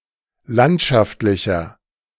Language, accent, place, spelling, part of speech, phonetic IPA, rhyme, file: German, Germany, Berlin, landschaftlicher, adjective, [ˈlantʃaftlɪçɐ], -antʃaftlɪçɐ, De-landschaftlicher.ogg
- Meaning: inflection of landschaftlich: 1. strong/mixed nominative masculine singular 2. strong genitive/dative feminine singular 3. strong genitive plural